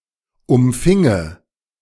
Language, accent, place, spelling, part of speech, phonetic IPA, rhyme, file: German, Germany, Berlin, umfinge, verb, [ʊmˈfɪŋə], -ɪŋə, De-umfinge.ogg
- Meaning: first/third-person singular subjunctive II of umfangen